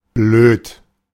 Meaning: 1. stupid, dim-witted 2. unfortunate, annoying (of situations) 3. stupid, damn; used as a general descriptor towards things one is frustrated with 4. shy, timid
- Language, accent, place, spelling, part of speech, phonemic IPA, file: German, Germany, Berlin, blöd, adjective, /bløːt/, De-blöd.ogg